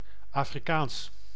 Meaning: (adjective) 1. African; of, from or pertaining to Africa 2. Afrikaans; of, from or pertaining to the Afrikaans language; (proper noun) Afrikaans (language)
- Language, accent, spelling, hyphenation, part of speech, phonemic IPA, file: Dutch, Netherlands, Afrikaans, Afri‧kaans, adjective / proper noun, /aːfriˈkaːns/, Nl-Afrikaans.ogg